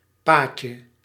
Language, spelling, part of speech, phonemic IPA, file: Dutch, paadje, noun, /ˈpaːtʃə/, Nl-paadje.ogg
- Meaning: diminutive of pad (“path”)